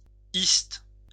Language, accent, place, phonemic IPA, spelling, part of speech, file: French, France, Lyon, /ist/, -iste, suffix, LL-Q150 (fra)--iste.wav
- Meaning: 1. -ist 2. -istic